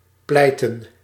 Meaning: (verb) 1. to plead, to argue; to act as attorney in court 2. to plead a legal case in court; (noun) plural of pleit
- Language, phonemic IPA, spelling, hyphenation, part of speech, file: Dutch, /ˈplɛi̯tə(n)/, pleiten, pleiten, verb / noun, Nl-pleiten.ogg